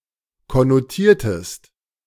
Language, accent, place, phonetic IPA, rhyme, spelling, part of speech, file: German, Germany, Berlin, [kɔnoˈtiːɐ̯təst], -iːɐ̯təst, konnotiertest, verb, De-konnotiertest.ogg
- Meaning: inflection of konnotieren: 1. second-person singular preterite 2. second-person singular subjunctive II